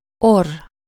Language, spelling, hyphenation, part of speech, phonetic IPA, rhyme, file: Hungarian, orr, orr, noun, [ˈorː], -orː, Hu-orr.ogg
- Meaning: 1. nose 2. nasal, naso-